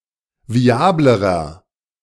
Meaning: inflection of viabel: 1. strong/mixed nominative masculine singular comparative degree 2. strong genitive/dative feminine singular comparative degree 3. strong genitive plural comparative degree
- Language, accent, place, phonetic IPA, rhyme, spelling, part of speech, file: German, Germany, Berlin, [viˈaːbləʁɐ], -aːbləʁɐ, viablerer, adjective, De-viablerer.ogg